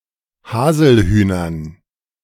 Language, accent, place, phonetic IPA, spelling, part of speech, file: German, Germany, Berlin, [ˈhaːzl̩ˌhyːnɐn], Haselhühnern, noun, De-Haselhühnern.ogg
- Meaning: dative plural of Haselhuhn